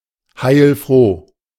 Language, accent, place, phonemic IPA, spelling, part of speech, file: German, Germany, Berlin, /ˈhaɪ̯lˈfʁoː/, heilfroh, adjective, De-heilfroh.ogg
- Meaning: 1. deeply glad (often implying relief) 2. satisfied; glad